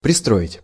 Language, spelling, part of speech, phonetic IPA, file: Russian, пристроить, verb, [prʲɪˈstroɪtʲ], Ru-пристроить.ogg
- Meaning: 1. to attach 2. to put, to place, to set (something somewhere) 3. to place into formation 4. to help someone get a job in a certain institution or group